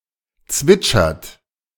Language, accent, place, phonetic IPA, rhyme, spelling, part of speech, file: German, Germany, Berlin, [ˈt͡svɪt͡ʃɐt], -ɪt͡ʃɐt, zwitschert, verb, De-zwitschert.ogg
- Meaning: inflection of zwitschern: 1. third-person singular present 2. second-person plural present 3. plural imperative